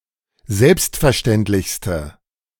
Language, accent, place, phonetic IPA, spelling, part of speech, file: German, Germany, Berlin, [ˈzɛlpstfɛɐ̯ˌʃtɛntlɪçstə], selbstverständlichste, adjective, De-selbstverständlichste.ogg
- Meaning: inflection of selbstverständlich: 1. strong/mixed nominative/accusative feminine singular superlative degree 2. strong nominative/accusative plural superlative degree